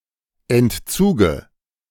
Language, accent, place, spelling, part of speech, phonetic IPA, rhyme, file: German, Germany, Berlin, Entzuge, noun, [ɛntˈt͡suːɡə], -uːɡə, De-Entzuge.ogg
- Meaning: dative singular of Entzug